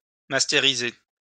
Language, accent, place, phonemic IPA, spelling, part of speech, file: French, France, Lyon, /mas.te.ʁi.ze/, mastériser, verb, LL-Q150 (fra)-mastériser.wav
- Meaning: alternative form of masteriser